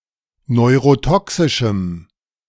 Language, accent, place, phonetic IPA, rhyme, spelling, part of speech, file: German, Germany, Berlin, [nɔɪ̯ʁoˈtɔksɪʃm̩], -ɔksɪʃm̩, neurotoxischem, adjective, De-neurotoxischem.ogg
- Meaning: strong dative masculine/neuter singular of neurotoxisch